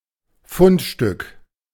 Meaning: find
- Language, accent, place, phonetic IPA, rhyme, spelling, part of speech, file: German, Germany, Berlin, [ˈfʊntˌʃtʏk], -ʊntʃtʏk, Fundstück, noun, De-Fundstück.ogg